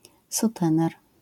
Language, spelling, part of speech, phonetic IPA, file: Polish, sutener, noun, [suˈtɛ̃nɛr], LL-Q809 (pol)-sutener.wav